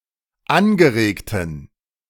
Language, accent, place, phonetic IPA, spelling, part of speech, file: German, Germany, Berlin, [ˈanɡəˌʁeːktn̩], angeregten, adjective, De-angeregten.ogg
- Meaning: inflection of angeregt: 1. strong genitive masculine/neuter singular 2. weak/mixed genitive/dative all-gender singular 3. strong/weak/mixed accusative masculine singular 4. strong dative plural